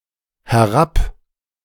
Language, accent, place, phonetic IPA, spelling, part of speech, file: German, Germany, Berlin, [hɛˈʁap], herab-, prefix, De-herab-.ogg
- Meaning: down- (towards the speaker)